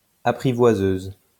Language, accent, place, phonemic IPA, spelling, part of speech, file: French, France, Lyon, /a.pʁi.vwa.zøz/, apprivoiseuse, noun, LL-Q150 (fra)-apprivoiseuse.wav
- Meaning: female equivalent of apprivoiseur